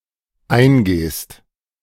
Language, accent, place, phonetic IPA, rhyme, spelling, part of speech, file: German, Germany, Berlin, [ˈaɪ̯nˌɡeːst], -aɪ̯nɡeːst, eingehst, verb, De-eingehst.ogg
- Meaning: second-person singular dependent present of eingehen